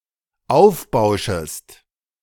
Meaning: second-person singular dependent subjunctive I of aufbauschen
- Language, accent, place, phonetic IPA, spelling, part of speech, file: German, Germany, Berlin, [ˈaʊ̯fˌbaʊ̯ʃəst], aufbauschest, verb, De-aufbauschest.ogg